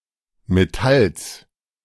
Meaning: genitive singular of Metall
- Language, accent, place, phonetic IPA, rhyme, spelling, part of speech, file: German, Germany, Berlin, [meˈtals], -als, Metalls, noun, De-Metalls.ogg